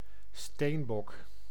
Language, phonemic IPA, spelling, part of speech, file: Dutch, /ˈsteːmbɔk/, steenbok, noun, Nl-steenbok.ogg
- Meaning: 1. an ibex, rock goat (wild mountain goat) 2. synonym of steenbokantilope (“steenbok, Raphicerus campestris”)